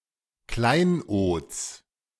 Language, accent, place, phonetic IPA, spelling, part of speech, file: German, Germany, Berlin, [ˈklaɪ̯nʔoːt͡s], Kleinods, noun, De-Kleinods.ogg
- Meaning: genitive singular of Kleinod